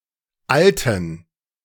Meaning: inflection of alt: 1. strong genitive masculine/neuter singular 2. weak/mixed genitive/dative all-gender singular 3. strong/weak/mixed accusative masculine singular 4. strong dative plural
- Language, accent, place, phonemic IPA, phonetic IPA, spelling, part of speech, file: German, Germany, Berlin, /ˈʔaltən/, [ˈʔalʔn̩], alten, adjective, De-alten.ogg